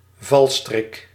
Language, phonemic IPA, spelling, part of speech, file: Dutch, /ˈvɑlstrɪk/, valstrik, noun, Nl-valstrik.ogg
- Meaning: 1. snare, trap for catching animals or trespassers 2. any kind of trap or ploy made to deceive